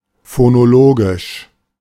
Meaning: phonological
- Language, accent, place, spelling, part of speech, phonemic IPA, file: German, Germany, Berlin, phonologisch, adjective, /fonoˈloːɡɪʃ/, De-phonologisch.ogg